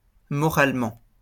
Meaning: morally
- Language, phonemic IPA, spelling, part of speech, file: French, /mɔ.ʁal.mɑ̃/, moralement, adverb, LL-Q150 (fra)-moralement.wav